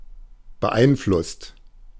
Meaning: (verb) past participle of beeinflussen; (adjective) influenced, governed
- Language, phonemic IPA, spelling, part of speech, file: German, /bəˈʔaɪ̯nˌflʊst/, beeinflusst, verb / adjective, De-beeinflusst.oga